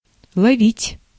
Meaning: to catch, to try to catch, to trap
- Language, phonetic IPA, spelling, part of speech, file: Russian, [ɫɐˈvʲitʲ], ловить, verb, Ru-ловить.ogg